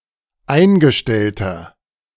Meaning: inflection of eingestellt: 1. strong/mixed nominative masculine singular 2. strong genitive/dative feminine singular 3. strong genitive plural
- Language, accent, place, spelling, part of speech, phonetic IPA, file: German, Germany, Berlin, eingestellter, adjective, [ˈaɪ̯nɡəˌʃtɛltɐ], De-eingestellter.ogg